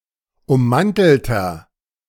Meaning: inflection of ummantelt: 1. strong/mixed nominative masculine singular 2. strong genitive/dative feminine singular 3. strong genitive plural
- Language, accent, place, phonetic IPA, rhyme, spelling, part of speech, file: German, Germany, Berlin, [ʊmˈmantl̩tɐ], -antl̩tɐ, ummantelter, adjective, De-ummantelter.ogg